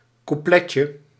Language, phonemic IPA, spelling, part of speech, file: Dutch, /kuˈplɛcə/, coupletje, noun, Nl-coupletje.ogg
- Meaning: diminutive of couplet